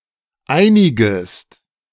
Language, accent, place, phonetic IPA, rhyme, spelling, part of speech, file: German, Germany, Berlin, [ˈaɪ̯nɪɡəst], -aɪ̯nɪɡəst, einigest, verb, De-einigest.ogg
- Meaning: second-person singular subjunctive I of einigen